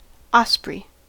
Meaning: 1. A bird of prey of genus Pandion that feeds on fish and has white underparts and long, narrow wings each ending in four finger-like extensions 2. Aigrette (ornamental feather)
- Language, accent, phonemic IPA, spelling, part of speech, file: English, US, /ˈɑspɹi/, osprey, noun, En-us-osprey.ogg